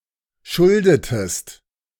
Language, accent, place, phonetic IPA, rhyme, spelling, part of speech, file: German, Germany, Berlin, [ˈʃʊldətəst], -ʊldətəst, schuldetest, verb, De-schuldetest.ogg
- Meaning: inflection of schulden: 1. second-person singular preterite 2. second-person singular subjunctive II